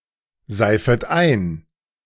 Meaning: second-person plural subjunctive I of einseifen
- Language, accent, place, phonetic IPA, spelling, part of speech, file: German, Germany, Berlin, [ˌzaɪ̯fət ˈaɪ̯n], seifet ein, verb, De-seifet ein.ogg